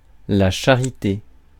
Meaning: charity
- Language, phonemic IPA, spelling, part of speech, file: French, /ʃa.ʁi.te/, charité, noun, Fr-charité.ogg